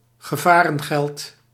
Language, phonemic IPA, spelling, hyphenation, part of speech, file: Dutch, /ɣəˈvaː.rə(n)ˌɣɛlt/, gevarengeld, ge‧va‧ren‧geld, noun, Nl-gevarengeld.ogg
- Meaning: danger money, hazard pay